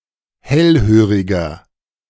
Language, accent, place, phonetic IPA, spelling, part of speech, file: German, Germany, Berlin, [ˈhɛlˌhøːʁɪɡɐ], hellhöriger, adjective, De-hellhöriger.ogg
- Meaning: 1. comparative degree of hellhörig 2. inflection of hellhörig: strong/mixed nominative masculine singular 3. inflection of hellhörig: strong genitive/dative feminine singular